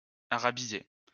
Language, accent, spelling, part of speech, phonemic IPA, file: French, France, arabiser, verb, /a.ʁa.bi.ze/, LL-Q150 (fra)-arabiser.wav
- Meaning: to Arabize